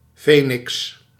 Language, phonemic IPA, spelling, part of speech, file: Dutch, /ˈfeːnɪks/, feniks, noun, Nl-feniks.ogg
- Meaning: phoenix